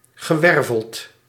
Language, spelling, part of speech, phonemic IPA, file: Dutch, gewerveld, adjective / verb, /ɣəˈwɛrvəlt/, Nl-gewerveld.ogg
- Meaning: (adjective) vertebrate; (verb) past participle of wervelen